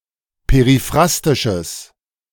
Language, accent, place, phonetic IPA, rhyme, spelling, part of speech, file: German, Germany, Berlin, [peʁiˈfʁastɪʃəs], -astɪʃəs, periphrastisches, adjective, De-periphrastisches.ogg
- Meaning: strong/mixed nominative/accusative neuter singular of periphrastisch